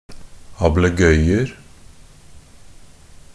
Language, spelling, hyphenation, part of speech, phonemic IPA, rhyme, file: Norwegian Bokmål, ablegøyer, ab‧le‧gøy‧er, noun, /abləˈɡœʏər/, -ər, NB - Pronunciation of Norwegian Bokmål «ablegøyer».ogg
- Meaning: indefinite plural of ablegøye